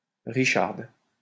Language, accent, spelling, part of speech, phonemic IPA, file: French, France, richarde, noun, /ʁi.ʃaʁd/, LL-Q150 (fra)-richarde.wav
- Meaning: rich woman, moneybags, capitalist, bourgeoise; female equivalent of richard